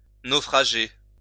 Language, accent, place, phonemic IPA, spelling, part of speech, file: French, France, Lyon, /no.fʁa.ʒe/, naufrager, verb, LL-Q150 (fra)-naufrager.wav
- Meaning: 1. to sink, go down 2. to be on a sinking vessel, go down 3. to be on a sinking ship